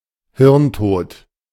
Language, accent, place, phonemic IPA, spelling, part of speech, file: German, Germany, Berlin, /ˈhɪʁnˌtoːt/, hirntot, adjective, De-hirntot.ogg
- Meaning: brain-dead